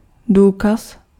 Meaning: 1. proof 2. evidence
- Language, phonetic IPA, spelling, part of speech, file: Czech, [ˈduːkas], důkaz, noun, Cs-důkaz.ogg